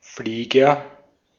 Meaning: 1. aviator 2. aeroplane, airplane
- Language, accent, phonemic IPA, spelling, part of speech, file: German, Austria, /ˈfliːɡɐ/, Flieger, noun, De-at-Flieger.ogg